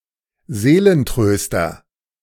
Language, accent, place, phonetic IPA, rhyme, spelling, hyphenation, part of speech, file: German, Germany, Berlin, [ˈzeːlənˌtʁøːstɐ], -øːstɐ, Seelentröster, See‧len‧trös‧ter, noun, De-Seelentröster.ogg
- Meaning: 1. comforter (a person who provides mental or emotional support to another) 2. stiffener, pick-me-up, bracer (as schnapps) 3. security blanket, woobie (including teddy bears, etc.) 4. soulmate